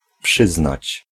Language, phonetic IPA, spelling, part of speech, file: Polish, [ˈpʃɨznat͡ɕ], przyznać, verb, Pl-przyznać.ogg